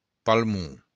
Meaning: lung
- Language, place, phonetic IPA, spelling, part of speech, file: Occitan, Béarn, [palˈmu], palmon, noun, LL-Q14185 (oci)-palmon.wav